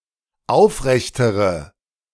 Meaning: inflection of aufrecht: 1. strong/mixed nominative/accusative feminine singular comparative degree 2. strong nominative/accusative plural comparative degree
- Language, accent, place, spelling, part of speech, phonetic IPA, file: German, Germany, Berlin, aufrechtere, adjective, [ˈaʊ̯fˌʁɛçtəʁə], De-aufrechtere.ogg